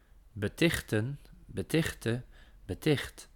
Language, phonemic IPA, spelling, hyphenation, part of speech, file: Dutch, /bəˈtɪxtə(n)/, betichten, be‧tich‧ten, verb, Nl-betichten.ogg
- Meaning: to accuse